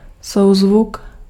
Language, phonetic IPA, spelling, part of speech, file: Czech, [ˈsou̯zvuk], souzvuk, noun, Cs-souzvuk.ogg
- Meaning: chord, harmony